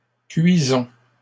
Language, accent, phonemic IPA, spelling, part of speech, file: French, Canada, /kɥi.zɔ̃/, cuisons, verb, LL-Q150 (fra)-cuisons.wav
- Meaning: inflection of cuire: 1. first-person plural present indicative 2. first-person plural imperative